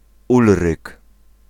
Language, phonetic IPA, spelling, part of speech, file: Polish, [ˈulrɨk], Ulryk, proper noun, Pl-Ulryk.ogg